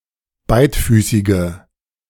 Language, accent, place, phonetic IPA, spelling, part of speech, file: German, Germany, Berlin, [ˈbaɪ̯tˌfyːsɪɡə], beidfüßige, adjective, De-beidfüßige.ogg
- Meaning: inflection of beidfüßig: 1. strong/mixed nominative/accusative feminine singular 2. strong nominative/accusative plural 3. weak nominative all-gender singular